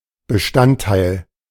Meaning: 1. component, element 2. ingredient
- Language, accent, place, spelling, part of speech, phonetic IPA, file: German, Germany, Berlin, Bestandteil, noun, [bəˈʃtantˌtaɪ̯l], De-Bestandteil.ogg